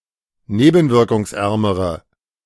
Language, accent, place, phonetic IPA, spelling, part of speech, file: German, Germany, Berlin, [ˈneːbn̩vɪʁkʊŋsˌʔɛʁməʁə], nebenwirkungsärmere, adjective, De-nebenwirkungsärmere.ogg
- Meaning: inflection of nebenwirkungsarm: 1. strong/mixed nominative/accusative feminine singular comparative degree 2. strong nominative/accusative plural comparative degree